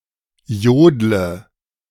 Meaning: inflection of jodeln: 1. first-person singular present 2. singular imperative 3. first/third-person singular subjunctive I
- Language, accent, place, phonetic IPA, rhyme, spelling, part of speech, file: German, Germany, Berlin, [ˈjoːdlə], -oːdlə, jodle, verb, De-jodle.ogg